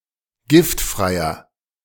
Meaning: inflection of giftfrei: 1. strong/mixed nominative masculine singular 2. strong genitive/dative feminine singular 3. strong genitive plural
- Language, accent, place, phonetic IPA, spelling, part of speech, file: German, Germany, Berlin, [ˈɡɪftˌfʁaɪ̯ɐ], giftfreier, adjective, De-giftfreier.ogg